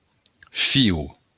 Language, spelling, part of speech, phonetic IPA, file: Occitan, fiu, noun, [ˈfiw], LL-Q35735-fiu.wav
- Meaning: son